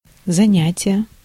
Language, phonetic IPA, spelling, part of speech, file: Russian, [zɐˈnʲætʲɪje], занятие, noun, Ru-занятие.ogg
- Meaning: 1. occupation, work, business (activity or task with which one occupies oneself) 2. exercise 3. lesson, lecture 4. capture